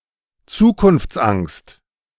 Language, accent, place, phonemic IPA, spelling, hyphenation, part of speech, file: German, Germany, Berlin, /ˈt͡suːkʊnft͡sˌʔaŋst/, Zukunftsangst, Zu‧kunfts‧angst, noun, De-Zukunftsangst.ogg
- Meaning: angst about the future